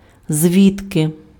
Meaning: from where, whence
- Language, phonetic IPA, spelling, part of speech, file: Ukrainian, [ˈzʲʋʲidke], звідки, adverb, Uk-звідки.ogg